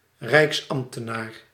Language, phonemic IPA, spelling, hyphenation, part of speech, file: Dutch, /ˈrɛi̯ksˌɑm(p).tə.naːr/, rijksambtenaar, rijks‧amb‧te‧naar, noun, Nl-rijksambtenaar.ogg
- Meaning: a public servant working for a national government, usually one working in the Netherlands or another unitary monarchy